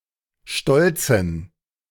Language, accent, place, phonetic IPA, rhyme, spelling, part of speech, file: German, Germany, Berlin, [ˈʃtɔlt͡sn̩], -ɔlt͡sn̩, stolzen, adjective, De-stolzen.ogg
- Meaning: inflection of stolz: 1. strong genitive masculine/neuter singular 2. weak/mixed genitive/dative all-gender singular 3. strong/weak/mixed accusative masculine singular 4. strong dative plural